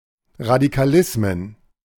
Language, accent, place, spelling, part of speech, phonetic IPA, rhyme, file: German, Germany, Berlin, Radikalismen, noun, [ʁadikaˈlɪsmən], -ɪsmən, De-Radikalismen.ogg
- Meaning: plural of Radikalismus